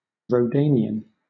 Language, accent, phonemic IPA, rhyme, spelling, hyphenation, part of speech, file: English, Southern England, /ɹəʊˈdeɪni.ən/, -eɪniən, Rhodanian, Rho‧dan‧i‧an, adjective / noun, LL-Q1860 (eng)-Rhodanian.wav
- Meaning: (adjective) Of, or aboriginal to, the Rhône valley; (noun) An inhabitant of the Rhône valley